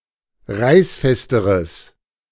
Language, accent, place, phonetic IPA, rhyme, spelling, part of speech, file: German, Germany, Berlin, [ˈʁaɪ̯sˌfɛstəʁəs], -aɪ̯sfɛstəʁəs, reißfesteres, adjective, De-reißfesteres.ogg
- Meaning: strong/mixed nominative/accusative neuter singular comparative degree of reißfest